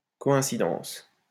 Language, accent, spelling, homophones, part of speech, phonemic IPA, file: French, France, coïncidence, coïncidences, noun, /kɔ.ɛ̃.si.dɑ̃s/, LL-Q150 (fra)-coïncidence.wav
- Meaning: coincidence